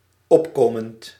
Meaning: present participle of opkomen
- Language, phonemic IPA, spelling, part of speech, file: Dutch, /ˈɔpkomənt/, opkomend, verb / adjective, Nl-opkomend.ogg